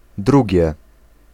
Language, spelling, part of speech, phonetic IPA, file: Polish, drugie, noun / adjective, [ˈdruɟjɛ], Pl-drugie.ogg